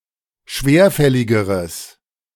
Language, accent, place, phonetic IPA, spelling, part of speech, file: German, Germany, Berlin, [ˈʃveːɐ̯ˌfɛlɪɡəʁəs], schwerfälligeres, adjective, De-schwerfälligeres.ogg
- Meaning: strong/mixed nominative/accusative neuter singular comparative degree of schwerfällig